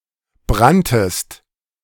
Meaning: second-person singular preterite of brennen
- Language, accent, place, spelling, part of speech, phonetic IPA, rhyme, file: German, Germany, Berlin, branntest, verb, [ˈbʁantəst], -antəst, De-branntest.ogg